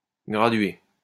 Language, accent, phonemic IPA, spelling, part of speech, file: French, France, /ɡʁa.dɥe/, gradué, verb / adjective, LL-Q150 (fra)-gradué.wav
- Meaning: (verb) past participle of graduer; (adjective) 1. graduated (having graduations) 2. graded